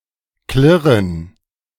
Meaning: to clink, to clank, to clash, to jingle, to clatter
- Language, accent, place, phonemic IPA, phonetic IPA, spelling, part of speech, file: German, Germany, Berlin, /klɪʁən/, [klɪʁn̩], klirren, verb, De-klirren.ogg